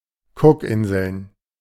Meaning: Cook Islands (an archipelago and self-governing country in Oceania, in free association with New Zealand)
- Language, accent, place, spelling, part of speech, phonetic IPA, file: German, Germany, Berlin, Cookinseln, proper noun, [ˈkʊkˌʔɪnzl̩n], De-Cookinseln.ogg